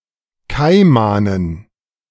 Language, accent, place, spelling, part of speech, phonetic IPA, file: German, Germany, Berlin, Kaimanen, noun, [ˈkaɪ̯manən], De-Kaimanen.ogg
- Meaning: dative plural of Kaiman